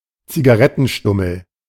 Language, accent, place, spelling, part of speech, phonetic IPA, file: German, Germany, Berlin, Zigarettenstummel, noun, [t͡siɡaˈʁɛtn̩ˌʃtʊml̩], De-Zigarettenstummel.ogg
- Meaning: cigarette butt